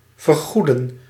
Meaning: to compensate for, to reimburse
- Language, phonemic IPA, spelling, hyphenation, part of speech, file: Dutch, /vərˈɣudə(n)/, vergoeden, ver‧goe‧den, verb, Nl-vergoeden.ogg